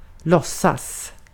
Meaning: to pretend
- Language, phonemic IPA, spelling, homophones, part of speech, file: Swedish, /²lɔsas/, låtsas, lossas, verb, Sv-låtsas.ogg